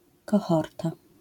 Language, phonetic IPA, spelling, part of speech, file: Polish, [kɔˈxɔrta], kohorta, noun, LL-Q809 (pol)-kohorta.wav